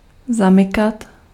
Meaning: to lock
- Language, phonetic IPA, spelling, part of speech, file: Czech, [ˈzamɪkat], zamykat, verb, Cs-zamykat.ogg